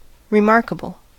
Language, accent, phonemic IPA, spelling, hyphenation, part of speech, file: English, US, /ɹɪˈmɑɹ.kə.bl̩/, remarkable, re‧mark‧a‧ble, adjective, En-us-remarkable.ogg
- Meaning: 1. Worthy of remark; notable; interesting 2. Uncommon; unusual